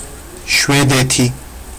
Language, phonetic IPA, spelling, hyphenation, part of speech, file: Georgian, [ʃʷe̞de̞tʰi], შვედეთი, შვე‧დე‧თი, proper noun, Ka-shvedeti.ogg
- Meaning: Sweden (a country in Scandinavia in Northern Europe)